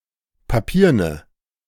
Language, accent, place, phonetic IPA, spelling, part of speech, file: German, Germany, Berlin, [paˈpiːɐ̯nə], papierne, adjective, De-papierne.ogg
- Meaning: inflection of papieren: 1. strong/mixed nominative/accusative feminine singular 2. strong nominative/accusative plural 3. weak nominative all-gender singular